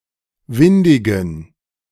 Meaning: inflection of windig: 1. strong genitive masculine/neuter singular 2. weak/mixed genitive/dative all-gender singular 3. strong/weak/mixed accusative masculine singular 4. strong dative plural
- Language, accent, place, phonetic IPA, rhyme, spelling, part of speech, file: German, Germany, Berlin, [ˈvɪndɪɡn̩], -ɪndɪɡn̩, windigen, adjective, De-windigen.ogg